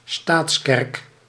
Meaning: state church
- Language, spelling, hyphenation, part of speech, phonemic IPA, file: Dutch, staatskerk, staats‧kerk, noun, /ˈstaːts.kɛrk/, Nl-staatskerk.ogg